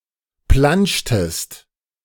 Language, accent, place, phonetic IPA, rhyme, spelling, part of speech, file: German, Germany, Berlin, [ˈplant͡ʃtəst], -ant͡ʃtəst, plantschtest, verb, De-plantschtest.ogg
- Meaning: inflection of plantschen: 1. second-person singular preterite 2. second-person singular subjunctive II